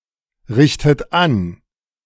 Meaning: inflection of anrichten: 1. second-person plural present 2. second-person plural subjunctive I 3. third-person singular present 4. plural imperative
- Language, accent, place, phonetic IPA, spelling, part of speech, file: German, Germany, Berlin, [ˌʁɪçtət ˈan], richtet an, verb, De-richtet an.ogg